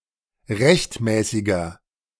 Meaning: inflection of rechtmäßig: 1. strong/mixed nominative masculine singular 2. strong genitive/dative feminine singular 3. strong genitive plural
- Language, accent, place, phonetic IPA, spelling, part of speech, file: German, Germany, Berlin, [ˈʁɛçtˌmɛːsɪɡɐ], rechtmäßiger, adjective, De-rechtmäßiger.ogg